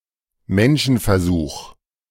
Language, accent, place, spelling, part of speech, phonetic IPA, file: German, Germany, Berlin, Menschenversuch, noun, [ˈmɛnʃn̩fɛɐ̯ˌzuːx], De-Menschenversuch.ogg
- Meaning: human experiment(ation); experiment(ation) on one or more human beings